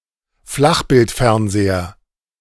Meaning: flatscreen TV
- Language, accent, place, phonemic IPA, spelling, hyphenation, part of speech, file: German, Germany, Berlin, /ˈflaxbɪltˌfɛʁnzeːɐ/, Flachbildfernseher, Flach‧bild‧fern‧se‧her, noun, De-Flachbildfernseher.ogg